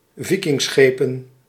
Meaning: plural of Vikingschip
- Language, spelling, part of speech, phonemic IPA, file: Dutch, Vikingschepen, noun, /ˈvɪkɪŋˌsxepə(n)/, Nl-Vikingschepen.ogg